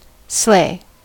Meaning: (verb) 1. To kill; to murder 2. To eradicate or stamp out 3. To defeat; to overcome (in a competition or contest) 4. To delight or overwhelm, especially with laughter
- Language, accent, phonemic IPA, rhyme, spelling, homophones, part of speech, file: English, US, /sleɪ/, -eɪ, slay, sleigh / sley, verb / adjective / noun / interjection, En-us-slay.ogg